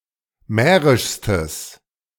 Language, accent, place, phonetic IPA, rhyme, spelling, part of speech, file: German, Germany, Berlin, [ˈmɛːʁɪʃstəs], -ɛːʁɪʃstəs, mährischstes, adjective, De-mährischstes.ogg
- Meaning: strong/mixed nominative/accusative neuter singular superlative degree of mährisch